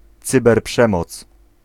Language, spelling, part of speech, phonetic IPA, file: Polish, cyberprzemoc, noun, [ˌt͡sɨbɛrˈpʃɛ̃mɔt͡s], Pl-cyberprzemoc.ogg